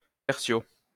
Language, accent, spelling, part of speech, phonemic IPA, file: French, France, 3o, adverb, /tɛʁ.sjo/, LL-Q150 (fra)-3o.wav
- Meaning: 3rd (abbreviation of tertio)